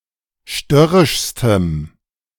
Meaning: strong dative masculine/neuter singular superlative degree of störrisch
- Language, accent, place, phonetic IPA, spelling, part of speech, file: German, Germany, Berlin, [ˈʃtœʁɪʃstəm], störrischstem, adjective, De-störrischstem.ogg